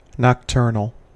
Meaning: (adjective) 1. Of a person, creature, group, or species, primarily active during the night 2. Of an occurrence, taking place at night, nightly; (noun) A person or creature that is active at night
- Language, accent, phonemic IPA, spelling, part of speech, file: English, US, /nɑkˈtɝ.nəl/, nocturnal, adjective / noun, En-us-nocturnal.ogg